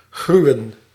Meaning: to abhor, to loathe
- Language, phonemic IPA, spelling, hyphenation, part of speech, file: Dutch, /ˈɣryu̯ə(n)/, gruwen, gru‧wen, verb, Nl-gruwen.ogg